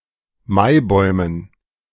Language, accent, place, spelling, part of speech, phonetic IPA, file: German, Germany, Berlin, Maibäumen, noun, [ˈmaɪ̯ˌbɔɪ̯mən], De-Maibäumen.ogg
- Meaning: dative plural of Maibaum